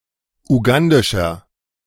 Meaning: inflection of ugandisch: 1. strong/mixed nominative masculine singular 2. strong genitive/dative feminine singular 3. strong genitive plural
- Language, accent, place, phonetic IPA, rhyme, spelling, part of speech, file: German, Germany, Berlin, [uˈɡandɪʃɐ], -andɪʃɐ, ugandischer, adjective, De-ugandischer.ogg